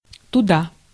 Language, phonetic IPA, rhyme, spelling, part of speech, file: Russian, [tʊˈda], -a, туда, adverb, Ru-туда.ogg
- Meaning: there, that way, thither